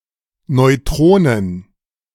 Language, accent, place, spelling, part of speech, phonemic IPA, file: German, Germany, Berlin, Neutronen, noun, /nɔʏ̯ˈtʁoːnən/, De-Neutronen.ogg
- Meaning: plural of Neutron